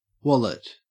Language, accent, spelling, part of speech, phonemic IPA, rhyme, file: English, Australia, wallet, noun, /ˈwɒ.lɪt/, -ɒlɪt, En-au-wallet.ogg
- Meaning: 1. A small case, often flat and often made of leather, for keeping money (especially paper money), credit cards, etc 2. A person's bank account or assets 3. An e-wallet or digital wallet